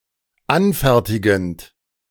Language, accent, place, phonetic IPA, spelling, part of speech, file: German, Germany, Berlin, [ˈanˌfɛʁtɪɡn̩t], anfertigend, verb, De-anfertigend.ogg
- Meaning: present participle of anfertigen